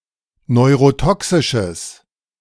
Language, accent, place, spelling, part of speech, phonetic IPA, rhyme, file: German, Germany, Berlin, neurotoxisches, adjective, [nɔɪ̯ʁoˈtɔksɪʃəs], -ɔksɪʃəs, De-neurotoxisches.ogg
- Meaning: strong/mixed nominative/accusative neuter singular of neurotoxisch